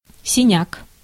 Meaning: 1. bruise (mark on the skin) 2. Echium (genus of flowering plant in the Boraginaceae family) 3. drunkard (hard drinking person)
- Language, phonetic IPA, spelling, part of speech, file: Russian, [sʲɪˈnʲak], синяк, noun, Ru-синяк.ogg